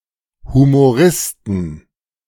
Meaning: 1. genitive singular of Humorist 2. plural of Humorist
- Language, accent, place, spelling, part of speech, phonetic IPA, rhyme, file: German, Germany, Berlin, Humoristen, noun, [humoˈʁɪstn̩], -ɪstn̩, De-Humoristen.ogg